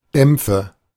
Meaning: nominative/accusative/genitive plural of Dampf
- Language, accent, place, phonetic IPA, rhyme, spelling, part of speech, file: German, Germany, Berlin, [ˈdɛmp͡fə], -ɛmp͡fə, Dämpfe, noun, De-Dämpfe.ogg